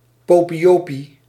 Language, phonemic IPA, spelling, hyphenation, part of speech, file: Dutch, /ˌpoː.piˈjoː.pi/, popiejopie, po‧pie‧jo‧pie, adjective, Nl-popiejopie.ogg
- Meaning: 1. trying excessively to come across as popular and ordinary 2. related to ordinary people; plebeian, familiar, colloquial, vulgar, popular